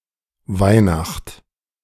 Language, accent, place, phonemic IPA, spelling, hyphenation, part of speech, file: German, Germany, Berlin, /ˈvaɪ̯ˌnaxt/, Weihnacht, Weih‧nacht, noun, De-Weihnacht.ogg
- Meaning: alternative form of Weihnachten